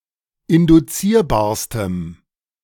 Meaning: strong dative masculine/neuter singular superlative degree of induzierbar
- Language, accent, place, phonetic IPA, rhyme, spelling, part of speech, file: German, Germany, Berlin, [ɪndʊˈt͡siːɐ̯baːɐ̯stəm], -iːɐ̯baːɐ̯stəm, induzierbarstem, adjective, De-induzierbarstem.ogg